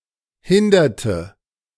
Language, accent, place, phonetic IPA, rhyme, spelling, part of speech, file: German, Germany, Berlin, [ˈhɪndɐtə], -ɪndɐtə, hinderte, verb, De-hinderte.ogg
- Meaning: inflection of hindern: 1. first/third-person singular preterite 2. first/third-person singular subjunctive II